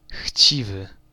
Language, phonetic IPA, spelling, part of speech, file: Polish, [ˈxʲt͡ɕivɨ], chciwy, adjective, Pl-chciwy.ogg